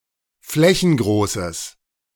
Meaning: strong/mixed nominative/accusative neuter singular of flächengroß
- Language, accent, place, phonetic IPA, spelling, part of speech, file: German, Germany, Berlin, [ˈflɛçn̩ˌɡʁoːsəs], flächengroßes, adjective, De-flächengroßes.ogg